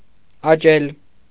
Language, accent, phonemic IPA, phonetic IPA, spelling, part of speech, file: Armenian, Eastern Armenian, /ɑˈt͡ʃel/, [ɑt͡ʃél], աճել, verb, Hy-աճել.ogg
- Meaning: to grow; to increase; to grow up; to rise